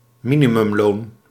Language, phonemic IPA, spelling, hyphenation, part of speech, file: Dutch, /ˈmi.ni.mʏmˌloːn/, minimumloon, mi‧ni‧mum‧loon, noun, Nl-minimumloon.ogg
- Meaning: minimum wage